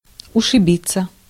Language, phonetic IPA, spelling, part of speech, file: Russian, [ʊʂɨˈbʲit͡sːə], ушибиться, verb, Ru-ушибиться.ogg
- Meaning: 1. to bruise oneself, to hurt oneself 2. passive of ушиби́ть (ušibítʹ)